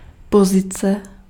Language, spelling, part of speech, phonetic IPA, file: Czech, pozice, noun, [ˈpozɪt͡sɛ], Cs-pozice.ogg
- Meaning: position